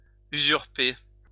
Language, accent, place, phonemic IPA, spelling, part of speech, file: French, France, Lyon, /y.zyʁ.pe/, usurper, verb, LL-Q150 (fra)-usurper.wav
- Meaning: to usurp